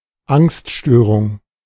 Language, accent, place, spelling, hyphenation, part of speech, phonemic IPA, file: German, Germany, Berlin, Angststörung, Angst‧stö‧rung, noun, /ˈaŋstˌʃtøːʁʊŋ/, De-Angststörung.ogg
- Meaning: anxiety disorder